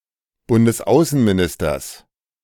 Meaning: genitive singular of Bundesaußenminister
- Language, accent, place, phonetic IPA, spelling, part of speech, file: German, Germany, Berlin, [ˌbʊndəsˈaʊ̯sənmiˌnɪstɐs], Bundesaußenministers, noun, De-Bundesaußenministers.ogg